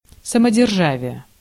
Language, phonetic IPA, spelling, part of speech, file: Russian, [səmədʲɪrˈʐavʲɪje], самодержавие, noun, Ru-самодержавие.ogg
- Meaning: autocracy